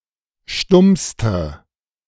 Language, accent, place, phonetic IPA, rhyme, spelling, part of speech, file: German, Germany, Berlin, [ˈʃtʊmstə], -ʊmstə, stummste, adjective, De-stummste.ogg
- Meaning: inflection of stumm: 1. strong/mixed nominative/accusative feminine singular superlative degree 2. strong nominative/accusative plural superlative degree